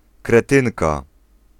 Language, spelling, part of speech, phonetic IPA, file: Polish, kretynka, noun, [krɛˈtɨ̃nka], Pl-kretynka.ogg